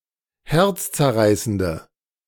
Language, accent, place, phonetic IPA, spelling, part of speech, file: German, Germany, Berlin, [ˈhɛʁt͡st͡sɛɐ̯ˌʁaɪ̯səndə], herzzerreißende, adjective, De-herzzerreißende.ogg
- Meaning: inflection of herzzerreißend: 1. strong/mixed nominative/accusative feminine singular 2. strong nominative/accusative plural 3. weak nominative all-gender singular